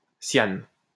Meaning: cyanogen
- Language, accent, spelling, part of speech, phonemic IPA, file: French, France, cyane, noun, /sjan/, LL-Q150 (fra)-cyane.wav